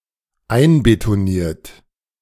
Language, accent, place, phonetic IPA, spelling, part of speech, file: German, Germany, Berlin, [ˈaɪ̯nbetoˌniːɐ̯t], einbetoniert, verb, De-einbetoniert.ogg
- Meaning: 1. past participle of einbetonieren 2. inflection of einbetonieren: third-person singular dependent present 3. inflection of einbetonieren: second-person plural dependent present